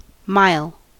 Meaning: The international mile: a unit of length precisely equal to 1.609344 kilometers established by treaty among Anglophone nations in 1959, divided into 5,280 feet or 1,760 yards
- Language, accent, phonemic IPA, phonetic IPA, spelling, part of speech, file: English, US, /maɪ̯l/, [maɪ̯ɫ], mile, noun, En-us-mile.ogg